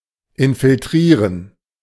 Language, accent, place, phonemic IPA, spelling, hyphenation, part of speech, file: German, Germany, Berlin, /ɪnfɪlˈtʁiːʁən/, infiltrieren, in‧fil‧trie‧ren, verb, De-infiltrieren.ogg
- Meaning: to infiltrate